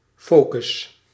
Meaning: 1. focus 2. focus, centre
- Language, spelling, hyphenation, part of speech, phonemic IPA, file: Dutch, focus, fo‧cus, noun, /ˈfoː.kʏs/, Nl-focus.ogg